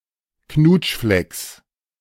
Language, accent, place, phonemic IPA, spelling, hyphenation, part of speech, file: German, Germany, Berlin, /ˈknuːtʃflɛks/, Knutschflecks, Knutsch‧flecks, noun, De-Knutschflecks.ogg
- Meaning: genitive of Knutschfleck